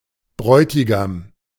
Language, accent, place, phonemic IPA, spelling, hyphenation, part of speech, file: German, Germany, Berlin, /ˈbʁɔʏtɪɡam/, Bräutigam, Bräu‧ti‧gam, noun, De-Bräutigam.ogg
- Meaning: bridegroom (a man with regard to his wedding)